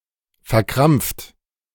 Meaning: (verb) past participle of verkrampfen: cramped; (adjective) 1. cramped 2. tense 3. inhibited
- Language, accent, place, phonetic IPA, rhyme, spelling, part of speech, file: German, Germany, Berlin, [fɛɐ̯ˈkʁamp͡ft], -amp͡ft, verkrampft, verb, De-verkrampft.ogg